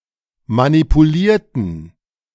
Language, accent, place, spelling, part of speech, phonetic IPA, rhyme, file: German, Germany, Berlin, manipulierten, verb / adjective, [manipuˈliːɐ̯tn̩], -iːɐ̯tn̩, De-manipulierten.ogg
- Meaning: inflection of manipulieren: 1. first/third-person plural preterite 2. first/third-person plural subjunctive II